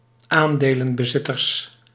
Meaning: plural of aandelenbezitter
- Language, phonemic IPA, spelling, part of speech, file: Dutch, /ˈandelə(n)bəˌzɪtərs/, aandelenbezitters, noun, Nl-aandelenbezitters.ogg